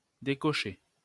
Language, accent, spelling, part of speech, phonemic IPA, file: French, France, décocher, verb, /de.kɔ.ʃe/, LL-Q150 (fra)-décocher.wav
- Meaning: 1. to uncheck; to deselect 2. to shoot (with a bow) 3. to throw, send (a gesture, object etc.) 4. to smack; lash (hit suddenly) 5. to lash out (at)